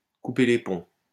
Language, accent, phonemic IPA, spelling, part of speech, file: French, France, /ku.pe le pɔ̃/, couper les ponts, verb, LL-Q150 (fra)-couper les ponts.wav
- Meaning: 1. to burn one's bridges 2. to cut ties